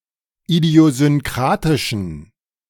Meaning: inflection of idiosynkratisch: 1. strong genitive masculine/neuter singular 2. weak/mixed genitive/dative all-gender singular 3. strong/weak/mixed accusative masculine singular 4. strong dative plural
- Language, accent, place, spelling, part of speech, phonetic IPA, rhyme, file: German, Germany, Berlin, idiosynkratischen, adjective, [idi̯ozʏnˈkʁaːtɪʃn̩], -aːtɪʃn̩, De-idiosynkratischen.ogg